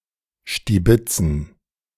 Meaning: to scrounge, to pilfer, to snatch (often something of little value)
- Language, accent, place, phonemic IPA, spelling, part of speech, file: German, Germany, Berlin, /ʃtiˈbɪtsən/, stibitzen, verb, De-stibitzen.ogg